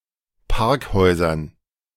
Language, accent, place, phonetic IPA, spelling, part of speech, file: German, Germany, Berlin, [ˈpaʁkˌhɔɪ̯zɐn], Parkhäusern, noun, De-Parkhäusern.ogg
- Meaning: dative plural of Parkhaus